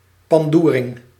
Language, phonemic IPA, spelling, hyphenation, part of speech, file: Dutch, /pɑnˈduːrɪŋ/, pandoering, pan‧doe‧ring, noun, Nl-pandoering.ogg
- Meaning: a harsh/abusive beating, thrashing, roughing-up